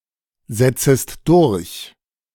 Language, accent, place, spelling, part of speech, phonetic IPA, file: German, Germany, Berlin, setzest durch, verb, [ˌzɛt͡səst ˈdʊʁç], De-setzest durch.ogg
- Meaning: second-person singular subjunctive I of durchsetzen